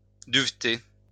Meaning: to become downy; covered with down
- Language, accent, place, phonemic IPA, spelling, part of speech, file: French, France, Lyon, /dyv.te/, duveter, verb, LL-Q150 (fra)-duveter.wav